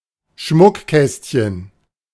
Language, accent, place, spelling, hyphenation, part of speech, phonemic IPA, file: German, Germany, Berlin, Schmuckkästchen, Schmuck‧käst‧chen, noun, /ˈʃmʊkˌkɛstçən/, De-Schmuckkästchen.ogg
- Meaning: jewel box, jewel case, casket